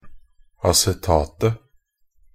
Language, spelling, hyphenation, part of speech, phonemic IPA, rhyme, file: Norwegian Bokmål, acetatet, a‧ce‧tat‧et, noun, /asɛˈtɑːtə/, -ɑːtə, Nb-acetatet.ogg
- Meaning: definite singular of acetat